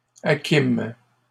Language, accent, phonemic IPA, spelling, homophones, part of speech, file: French, Canada, /a.kim/, acquîmes, hakim, verb, LL-Q150 (fra)-acquîmes.wav
- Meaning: first-person plural past historic of acquérir